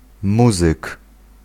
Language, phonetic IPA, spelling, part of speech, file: Polish, [ˈmuzɨk], muzyk, noun, Pl-muzyk.ogg